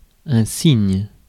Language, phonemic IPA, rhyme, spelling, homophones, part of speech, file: French, /siɲ/, -iɲ, cygne, cygnes / signe / signent / signes, noun, Fr-cygne.ogg
- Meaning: swan